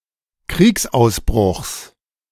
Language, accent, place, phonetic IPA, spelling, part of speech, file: German, Germany, Berlin, [ˈkʁiːksʔaʊ̯sˌbʁʊxs], Kriegsausbruchs, noun, De-Kriegsausbruchs.ogg
- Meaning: genitive of Kriegsausbruch